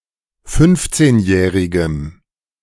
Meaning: strong dative masculine/neuter singular of fünfzehnjährig
- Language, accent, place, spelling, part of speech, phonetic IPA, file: German, Germany, Berlin, fünfzehnjährigem, adjective, [ˈfʏnft͡seːnˌjɛːʁɪɡəm], De-fünfzehnjährigem.ogg